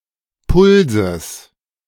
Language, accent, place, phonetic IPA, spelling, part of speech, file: German, Germany, Berlin, [ˈpʊlzəs], Pulses, noun, De-Pulses.ogg
- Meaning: genitive singular of Puls